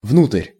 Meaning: into, inside (direction)
- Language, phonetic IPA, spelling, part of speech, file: Russian, [vnutrʲ], внутрь, preposition, Ru-внутрь.ogg